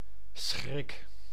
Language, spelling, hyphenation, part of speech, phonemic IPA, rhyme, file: Dutch, schrik, schrik, noun / verb, /sxrɪk/, -ɪk, Nl-schrik.ogg
- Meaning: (noun) 1. shock, sudden fear or dread 2. fear, terror, menace; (verb) inflection of schrikken: 1. first-person singular present indicative 2. second-person singular present indicative 3. imperative